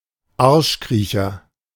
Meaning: ass-kisser
- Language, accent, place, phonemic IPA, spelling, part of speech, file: German, Germany, Berlin, /ˈaʁʃˌkʁiːçɐ/, Arschkriecher, noun, De-Arschkriecher.ogg